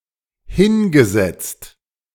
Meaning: past participle of hinsetzen
- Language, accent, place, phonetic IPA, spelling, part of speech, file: German, Germany, Berlin, [ˈhɪnɡəˌzɛt͡st], hingesetzt, verb, De-hingesetzt.ogg